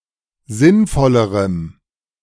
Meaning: strong dative masculine/neuter singular comparative degree of sinnvoll
- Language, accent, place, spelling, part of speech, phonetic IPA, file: German, Germany, Berlin, sinnvollerem, adjective, [ˈzɪnˌfɔləʁəm], De-sinnvollerem.ogg